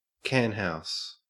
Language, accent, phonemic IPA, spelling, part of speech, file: English, Australia, /ˈkanhaʊs/, canhouse, noun, En-au-canhouse.ogg
- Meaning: A brothel